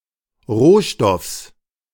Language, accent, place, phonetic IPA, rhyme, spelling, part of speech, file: German, Germany, Berlin, [ˈʁoːˌʃtɔfs], -oːʃtɔfs, Rohstoffs, noun, De-Rohstoffs.ogg
- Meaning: genitive singular of Rohstoff